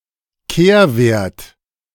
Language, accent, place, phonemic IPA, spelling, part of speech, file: German, Germany, Berlin, /ˈkeːɐ̯ˌveɐ̯t/, Kehrwert, noun, De-Kehrwert.ogg
- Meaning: reciprocal